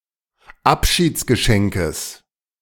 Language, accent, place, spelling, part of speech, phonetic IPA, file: German, Germany, Berlin, Abschiedsgeschenkes, noun, [ˈapʃiːt͡sɡəˌʃɛŋkəs], De-Abschiedsgeschenkes.ogg
- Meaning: genitive of Abschiedsgeschenk